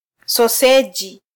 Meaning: sausage
- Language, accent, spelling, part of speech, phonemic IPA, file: Swahili, Kenya, soseji, noun, /sɔˈsɛ.ʄi/, Sw-ke-soseji.flac